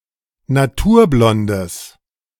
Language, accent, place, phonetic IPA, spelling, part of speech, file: German, Germany, Berlin, [naˈtuːɐ̯ˌblɔndəs], naturblondes, adjective, De-naturblondes.ogg
- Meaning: strong/mixed nominative/accusative neuter singular of naturblond